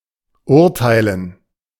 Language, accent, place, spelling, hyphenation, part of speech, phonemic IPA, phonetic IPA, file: German, Germany, Berlin, urteilen, ur‧tei‧len, verb, /ˈʊʁtaɪ̯lən/, [ˈʔʊɐ̯ˌtʰaɪ̯ln], De-urteilen.ogg
- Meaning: to judge